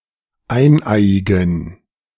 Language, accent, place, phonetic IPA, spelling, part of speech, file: German, Germany, Berlin, [ˈaɪ̯nˌʔaɪ̯ɪɡn̩], eineiigen, adjective, De-eineiigen.ogg
- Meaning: inflection of eineiig: 1. strong genitive masculine/neuter singular 2. weak/mixed genitive/dative all-gender singular 3. strong/weak/mixed accusative masculine singular 4. strong dative plural